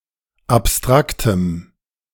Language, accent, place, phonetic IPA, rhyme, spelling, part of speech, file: German, Germany, Berlin, [apˈstʁaktəm], -aktəm, abstraktem, adjective, De-abstraktem.ogg
- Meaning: strong dative masculine/neuter singular of abstrakt